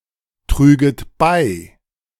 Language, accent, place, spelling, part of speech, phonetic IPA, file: German, Germany, Berlin, trüget bei, verb, [ˌtʁyːɡət ˈbaɪ̯], De-trüget bei.ogg
- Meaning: second-person plural subjunctive II of beitragen